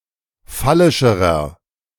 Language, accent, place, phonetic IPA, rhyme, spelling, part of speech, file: German, Germany, Berlin, [ˈfalɪʃəʁɐ], -alɪʃəʁɐ, phallischerer, adjective, De-phallischerer.ogg
- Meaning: inflection of phallisch: 1. strong/mixed nominative masculine singular comparative degree 2. strong genitive/dative feminine singular comparative degree 3. strong genitive plural comparative degree